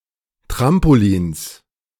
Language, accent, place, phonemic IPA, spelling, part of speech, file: German, Germany, Berlin, /ˈtʁampoˌliːns/, Trampolins, noun, De-Trampolins.ogg
- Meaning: 1. genitive singular of Trampolin 2. plural of Trampolin